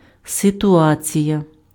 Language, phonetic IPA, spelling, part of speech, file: Ukrainian, [setʊˈat͡sʲijɐ], ситуація, noun, Uk-ситуація.ogg
- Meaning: situation